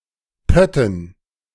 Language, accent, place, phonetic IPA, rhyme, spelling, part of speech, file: German, Germany, Berlin, [ˈpœtn̩], -œtn̩, Pötten, noun, De-Pötten.ogg
- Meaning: dative plural of Pott